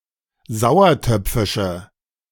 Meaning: inflection of sauertöpfisch: 1. strong/mixed nominative/accusative feminine singular 2. strong nominative/accusative plural 3. weak nominative all-gender singular
- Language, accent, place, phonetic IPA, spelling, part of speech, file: German, Germany, Berlin, [ˈzaʊ̯ɐˌtœp͡fɪʃə], sauertöpfische, adjective, De-sauertöpfische.ogg